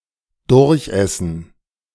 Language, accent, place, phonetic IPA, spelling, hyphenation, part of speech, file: German, Germany, Berlin, [ˈdʊʁçˌʔɛsn̩], durchessen, durch‧es‧sen, verb, De-durchessen.ogg
- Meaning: 1. to eat through 2. to eat at the expense